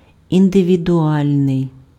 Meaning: individual
- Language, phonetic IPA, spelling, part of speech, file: Ukrainian, [indeʋʲidʊˈalʲnei̯], індивідуальний, adjective, Uk-індивідуальний.ogg